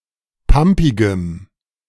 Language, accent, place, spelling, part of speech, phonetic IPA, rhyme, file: German, Germany, Berlin, pampigem, adjective, [ˈpampɪɡəm], -ampɪɡəm, De-pampigem.ogg
- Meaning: strong dative masculine/neuter singular of pampig